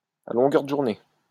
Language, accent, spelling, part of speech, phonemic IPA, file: French, France, à longueur de journée, adverb, /a lɔ̃.ɡœʁ də ʒuʁ.ne/, LL-Q150 (fra)-à longueur de journée.wav
- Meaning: all day long, continually, all the time